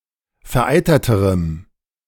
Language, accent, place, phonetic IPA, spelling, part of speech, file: German, Germany, Berlin, [fɛɐ̯ˈʔaɪ̯tɐtəʁəm], vereiterterem, adjective, De-vereiterterem.ogg
- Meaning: strong dative masculine/neuter singular comparative degree of vereitert